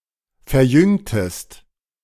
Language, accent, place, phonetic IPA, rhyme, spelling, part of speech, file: German, Germany, Berlin, [fɛɐ̯ˈjʏŋtəst], -ʏŋtəst, verjüngtest, verb, De-verjüngtest.ogg
- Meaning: inflection of verjüngen: 1. second-person singular preterite 2. second-person singular subjunctive II